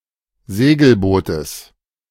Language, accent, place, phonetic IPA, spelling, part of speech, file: German, Germany, Berlin, [ˈzeːɡl̩ˌboːtəs], Segelbootes, noun, De-Segelbootes.ogg
- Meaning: genitive singular of Segelboot